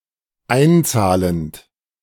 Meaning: present participle of einzahlen
- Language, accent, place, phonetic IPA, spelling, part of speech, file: German, Germany, Berlin, [ˈaɪ̯nˌt͡saːlənt], einzahlend, verb, De-einzahlend.ogg